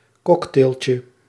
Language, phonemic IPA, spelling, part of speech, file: Dutch, /ˈkɔktelcə/, cocktailtje, noun, Nl-cocktailtje.ogg
- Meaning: diminutive of cocktail